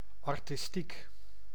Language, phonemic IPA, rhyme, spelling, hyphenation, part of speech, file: Dutch, /ˌɑr.tɪsˈtik/, -ik, artistiek, ar‧tis‧tiek, adjective, Nl-artistiek.ogg
- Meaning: 1. artistic, relating to art 2. of artistic value or merit 3. having creative skill